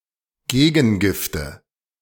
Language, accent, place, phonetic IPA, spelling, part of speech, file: German, Germany, Berlin, [ˈɡeːɡn̩ˌɡɪftə], Gegengifte, noun, De-Gegengifte.ogg
- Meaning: nominative/accusative/genitive plural of Gegengift